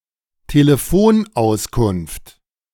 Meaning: directory assistance, directory inquiries
- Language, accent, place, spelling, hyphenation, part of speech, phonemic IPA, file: German, Germany, Berlin, Telefonauskunft, Te‧le‧fon‧aus‧kunft, noun, /teːləˈfoːnˌ.aʊ̯skʊnft/, De-Telefonauskunft.ogg